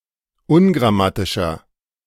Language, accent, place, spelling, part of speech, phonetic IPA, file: German, Germany, Berlin, ungrammatischer, adjective, [ˈʊnɡʁaˌmatɪʃɐ], De-ungrammatischer.ogg
- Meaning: inflection of ungrammatisch: 1. strong/mixed nominative masculine singular 2. strong genitive/dative feminine singular 3. strong genitive plural